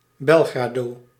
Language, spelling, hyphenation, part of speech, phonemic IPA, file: Dutch, Belgrado, Bel‧gra‧do, proper noun, /ˈbɛl.ɣraːˌdoː/, Nl-Belgrado.ogg
- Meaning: Belgrade (the capital city of Serbia)